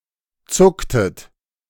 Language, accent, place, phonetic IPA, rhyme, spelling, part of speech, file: German, Germany, Berlin, [ˈt͡sʊktət], -ʊktət, zucktet, verb, De-zucktet.ogg
- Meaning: inflection of zucken: 1. second-person plural preterite 2. second-person plural subjunctive II